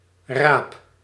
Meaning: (noun) 1. turnip 2. noggin, bonce; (verb) inflection of rapen: 1. first-person singular present indicative 2. second-person singular present indicative 3. imperative
- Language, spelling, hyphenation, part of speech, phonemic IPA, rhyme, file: Dutch, raap, raap, noun / verb, /raːp/, -aːp, Nl-raap.ogg